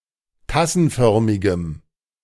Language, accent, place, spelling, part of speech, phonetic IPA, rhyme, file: German, Germany, Berlin, tassenförmigem, adjective, [ˈtasn̩ˌfœʁmɪɡəm], -asn̩fœʁmɪɡəm, De-tassenförmigem.ogg
- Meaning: strong dative masculine/neuter singular of tassenförmig